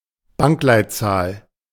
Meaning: bank code, (UK) sort code
- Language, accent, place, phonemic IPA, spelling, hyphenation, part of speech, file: German, Germany, Berlin, /ˈbaŋklaɪ̯tˌt͡saːl/, Bankleitzahl, Bank‧leit‧zahl, noun, De-Bankleitzahl.ogg